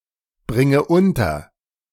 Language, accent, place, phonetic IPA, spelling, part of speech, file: German, Germany, Berlin, [ˌbʁɪŋə ˈʊntɐ], bringe unter, verb, De-bringe unter.ogg
- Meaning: inflection of unterbringen: 1. first-person singular present 2. first/third-person singular subjunctive I 3. singular imperative